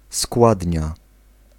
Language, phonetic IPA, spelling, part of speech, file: Polish, [ˈskwadʲɲa], składnia, noun, Pl-składnia.ogg